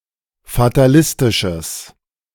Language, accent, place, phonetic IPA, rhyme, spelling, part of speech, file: German, Germany, Berlin, [fataˈlɪstɪʃəs], -ɪstɪʃəs, fatalistisches, adjective, De-fatalistisches.ogg
- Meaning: strong/mixed nominative/accusative neuter singular of fatalistisch